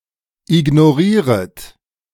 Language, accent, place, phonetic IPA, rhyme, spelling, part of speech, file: German, Germany, Berlin, [ɪɡnoˈʁiːʁət], -iːʁət, ignorieret, verb, De-ignorieret.ogg
- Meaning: second-person plural subjunctive I of ignorieren